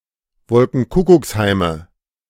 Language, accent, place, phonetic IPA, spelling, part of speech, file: German, Germany, Berlin, [ˈvɔlkŋ̩ˈkʊkʊksˌhaɪ̯mə], Wolkenkuckucksheime, noun, De-Wolkenkuckucksheime.ogg
- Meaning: nominative/accusative/genitive plural of Wolkenkuckucksheim